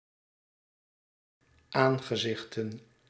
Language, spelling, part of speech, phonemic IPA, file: Dutch, aangezichten, noun, /ˈaŋɣəˌzɪxtə(n)/, Nl-aangezichten.ogg
- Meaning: plural of aangezicht